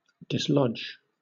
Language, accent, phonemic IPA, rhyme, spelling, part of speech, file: English, Southern England, /dɪsˈlɒdʒ/, -ɒdʒ, dislodge, verb, LL-Q1860 (eng)-dislodge.wav
- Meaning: 1. To remove or force out from a position or dwelling previously occupied 2. To move or go from a dwelling or former position 3. To force out of a secure or settled position